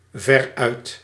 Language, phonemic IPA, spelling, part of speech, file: Dutch, /ˈvɛrœyt/, veruit, adverb, Nl-veruit.ogg
- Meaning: by far